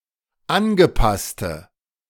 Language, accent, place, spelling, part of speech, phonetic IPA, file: German, Germany, Berlin, angepasste, adjective, [ˈanɡəˌpastə], De-angepasste.ogg
- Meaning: inflection of angepasst: 1. strong/mixed nominative/accusative feminine singular 2. strong nominative/accusative plural 3. weak nominative all-gender singular